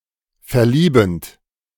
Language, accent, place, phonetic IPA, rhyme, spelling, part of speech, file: German, Germany, Berlin, [fɛɐ̯ˈliːbn̩t], -iːbn̩t, verliebend, verb, De-verliebend.ogg
- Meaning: present participle of verlieben